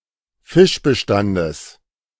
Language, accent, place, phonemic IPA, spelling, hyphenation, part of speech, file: German, Germany, Berlin, /ˈfɪʃbəˌʃtandəs/, Fischbestandes, Fisch‧be‧stan‧des, noun, De-Fischbestandes.ogg
- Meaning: genitive of Fischbestand